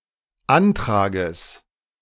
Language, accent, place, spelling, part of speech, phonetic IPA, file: German, Germany, Berlin, Antrages, noun, [ˈantʁaːɡəs], De-Antrages.ogg
- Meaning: genitive singular of Antrag